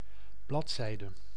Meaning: page
- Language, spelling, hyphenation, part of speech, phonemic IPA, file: Dutch, bladzijde, blad‧zij‧de, noun, /ˈblɑtˌsɛi̯də/, Nl-bladzijde.ogg